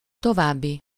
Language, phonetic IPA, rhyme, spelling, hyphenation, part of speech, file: Hungarian, [ˈtovaːbːi], -bi, további, to‧váb‧bi, adjective / noun, Hu-további.ogg
- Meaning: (adjective) further; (noun) the events, things, or situations that happen after the present